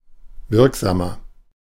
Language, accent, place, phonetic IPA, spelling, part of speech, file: German, Germany, Berlin, [ˈvɪʁkˌzaːmɐ], wirksamer, adjective, De-wirksamer.ogg
- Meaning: 1. comparative degree of wirksam 2. inflection of wirksam: strong/mixed nominative masculine singular 3. inflection of wirksam: strong genitive/dative feminine singular